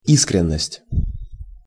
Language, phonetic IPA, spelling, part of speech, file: Russian, [ˈiskrʲɪn(ː)əsʲtʲ], искренность, noun, Ru-искренность.ogg
- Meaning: sincerity, candour, frankness